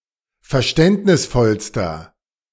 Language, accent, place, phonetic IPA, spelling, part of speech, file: German, Germany, Berlin, [fɛɐ̯ˈʃtɛntnɪsˌfɔlstɐ], verständnisvollster, adjective, De-verständnisvollster.ogg
- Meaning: inflection of verständnisvoll: 1. strong/mixed nominative masculine singular superlative degree 2. strong genitive/dative feminine singular superlative degree